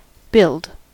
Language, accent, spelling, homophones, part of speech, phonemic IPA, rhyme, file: English, US, build, billed, verb / noun, /bɪld/, -ɪld, En-us-build.ogg
- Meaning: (verb) 1. To form (something) by combining materials or parts 2. To develop or give form to (something) according to a plan or process